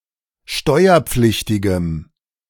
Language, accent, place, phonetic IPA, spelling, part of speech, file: German, Germany, Berlin, [ˈʃtɔɪ̯ɐˌp͡flɪçtɪɡəm], steuerpflichtigem, adjective, De-steuerpflichtigem.ogg
- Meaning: strong dative masculine/neuter singular of steuerpflichtig